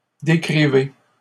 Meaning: inflection of décrire: 1. second-person plural present indicative 2. second-person plural imperative
- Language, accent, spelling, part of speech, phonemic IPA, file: French, Canada, décrivez, verb, /de.kʁi.ve/, LL-Q150 (fra)-décrivez.wav